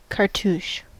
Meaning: 1. An ornamental figure, often on an oval shield 2. An oval figure containing the characters of an important personal name, such as that of royal or divine people
- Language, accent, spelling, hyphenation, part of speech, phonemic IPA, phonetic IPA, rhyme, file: English, US, cartouche, car‧touche, noun, /kɑɹˈtuʃ/, [kʰɑɹˈtʰʊu̯ʃ], -uːʃ, En-us-cartouche.ogg